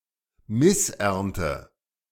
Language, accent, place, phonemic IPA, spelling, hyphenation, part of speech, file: German, Germany, Berlin, /ˈmɪsˌʔɛʁntə/, Missernte, Miss‧ern‧te, noun, De-Missernte.ogg
- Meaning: bad harvest, crop failure